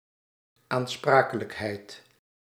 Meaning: 1. accountability, being answerable for, bearing of responsibility/risk(s) (as for a debt or venture) 2. legal liability
- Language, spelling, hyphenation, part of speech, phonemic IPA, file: Dutch, aansprakelijkheid, aan‧spra‧ke‧lijk‧heid, noun, /aːnˈspraː.kə.ləkˌɦɛi̯t/, Nl-aansprakelijkheid.ogg